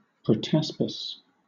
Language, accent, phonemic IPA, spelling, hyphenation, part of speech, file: English, Southern England, /pɹəˈtaspɪs/, protaspis, prot‧as‧pis, noun, LL-Q1860 (eng)-protaspis.wav
- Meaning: A stage in the development of a trilobite where the creature has not yet developed articulated segments